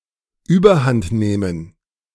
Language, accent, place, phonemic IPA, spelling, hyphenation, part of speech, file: German, Germany, Berlin, /yːbɐˈhantˌneːmən/, überhandnehmen, über‧hand‧neh‧men, verb, De-überhandnehmen.ogg
- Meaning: to get out of hand